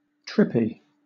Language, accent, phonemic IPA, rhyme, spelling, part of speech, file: English, Southern England, /ˈtɹɪ.pi/, -ɪpi, trippy, adjective, LL-Q1860 (eng)-trippy.wav
- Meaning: Strange, surreal, similar to the effects of a hallucinogen